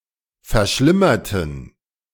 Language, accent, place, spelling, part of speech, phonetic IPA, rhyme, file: German, Germany, Berlin, verschlimmerten, adjective / verb, [fɛɐ̯ˈʃlɪmɐtn̩], -ɪmɐtn̩, De-verschlimmerten.ogg
- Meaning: inflection of verschlimmern: 1. first/third-person plural preterite 2. first/third-person plural subjunctive II